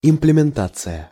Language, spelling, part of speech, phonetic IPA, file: Russian, имплементация, noun, [ɪmplʲɪmʲɪnˈtat͡sɨjə], Ru-имплементация.ogg
- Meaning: implementation